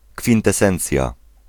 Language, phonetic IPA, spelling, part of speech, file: Polish, [ˌkfʲĩntɛˈsɛ̃nt͡sʲja], kwintesencja, noun, Pl-kwintesencja.ogg